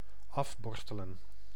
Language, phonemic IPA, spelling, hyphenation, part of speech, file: Dutch, /ˈɑfˌbɔrstələ(n)/, afborstelen, af‧bor‧ste‧len, verb, Nl-afborstelen.ogg
- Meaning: to brush off, to brush (to remove or clean by means of a brush)